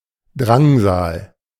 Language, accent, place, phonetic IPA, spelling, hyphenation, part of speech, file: German, Germany, Berlin, [ˈdʁaŋzaːl], Drangsal, Drang‧sal, noun, De-Drangsal.ogg
- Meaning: tribulation